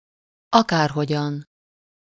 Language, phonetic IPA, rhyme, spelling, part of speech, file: Hungarian, [ˈɒkaːrɦoɟɒn], -ɒn, akárhogyan, adverb, Hu-akárhogyan.ogg
- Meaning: alternative form of akárhogy